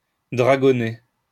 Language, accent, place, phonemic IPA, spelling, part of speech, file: French, France, Lyon, /dʁa.ɡɔ.ne/, dragonner, verb, LL-Q150 (fra)-dragonner.wav
- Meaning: 1. to dragoon; to worry 2. to torment (oneself)